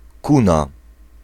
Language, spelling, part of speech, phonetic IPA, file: Polish, kuna, noun, [ˈkũna], Pl-kuna.ogg